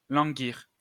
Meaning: 1. to languish 2. to lie torpid 3. to flag, die down, slack off, be slack 4. to wither, weaken 5. to long, pine, or yearn (for)
- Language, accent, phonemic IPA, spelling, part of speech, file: French, France, /lɑ̃.ɡiʁ/, languir, verb, LL-Q150 (fra)-languir.wav